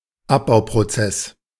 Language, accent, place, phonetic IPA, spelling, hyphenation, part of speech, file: German, Germany, Berlin, [ˈapbaʊ̯pʁoˌt͡sɛs], Abbauprozess, Ab‧bau‧pro‧zess, noun, De-Abbauprozess.ogg
- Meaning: degradation process